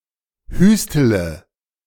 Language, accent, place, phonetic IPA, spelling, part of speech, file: German, Germany, Berlin, [ˈhyːstələ], hüstele, verb, De-hüstele.ogg
- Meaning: inflection of hüsteln: 1. first-person singular present 2. first-person plural subjunctive I 3. third-person singular subjunctive I 4. singular imperative